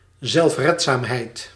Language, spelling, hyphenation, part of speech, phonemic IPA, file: Dutch, zelfredzaamheid, zelf‧red‧zaam‧heid, noun, /zɛlfˈrɛt.zaːm.ɦɛi̯t/, Nl-zelfredzaamheid.ogg
- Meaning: self-reliance